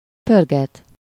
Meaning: to spin (to rotate quickly, repetitively)
- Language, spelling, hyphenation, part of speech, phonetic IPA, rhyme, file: Hungarian, pörget, pör‧get, verb, [ˈpørɡɛt], -ɛt, Hu-pörget.ogg